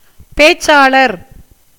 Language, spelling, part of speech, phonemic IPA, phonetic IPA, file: Tamil, பேச்சாளர், noun, /peːtʃtʃɑːɭɐɾ/, [peːssäːɭɐɾ], Ta-பேச்சாளர்.ogg
- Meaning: speaker